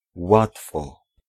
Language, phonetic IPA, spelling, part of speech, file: Polish, [ˈwatfɔ], łatwo, adverb, Pl-łatwo.ogg